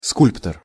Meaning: sculptor (a person who sculpts)
- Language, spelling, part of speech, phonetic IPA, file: Russian, скульптор, noun, [ˈskulʲptər], Ru-скульптор.ogg